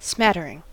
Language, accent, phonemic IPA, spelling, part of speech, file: English, US, /ˈsmætɚɪŋ/, smattering, noun / verb, En-us-smattering.ogg
- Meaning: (noun) 1. A shallow or superficial knowledge of a subject 2. A small amount or number of something; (verb) present participle and gerund of smatter